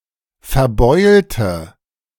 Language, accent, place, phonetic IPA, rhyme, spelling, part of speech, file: German, Germany, Berlin, [fɛɐ̯ˈbɔɪ̯ltə], -ɔɪ̯ltə, verbeulte, adjective / verb, De-verbeulte.ogg
- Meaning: inflection of verbeult: 1. strong/mixed nominative/accusative feminine singular 2. strong nominative/accusative plural 3. weak nominative all-gender singular